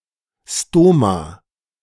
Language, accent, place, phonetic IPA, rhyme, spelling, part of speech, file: German, Germany, Berlin, [ˈstoma], -oːma, Stoma, noun, De-Stoma.ogg
- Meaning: stoma (all senses)